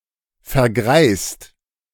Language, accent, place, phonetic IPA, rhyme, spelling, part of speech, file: German, Germany, Berlin, [fɛɐ̯ˈɡʁaɪ̯st], -aɪ̯st, vergreist, verb, De-vergreist.ogg
- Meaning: 1. past participle of vergreisen 2. inflection of vergreisen: second/third-person singular present 3. inflection of vergreisen: second-person plural present